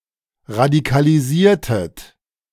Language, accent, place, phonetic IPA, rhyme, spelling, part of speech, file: German, Germany, Berlin, [ʁadikaliˈziːɐ̯tət], -iːɐ̯tət, radikalisiertet, verb, De-radikalisiertet.ogg
- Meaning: inflection of radikalisieren: 1. second-person plural preterite 2. second-person plural subjunctive II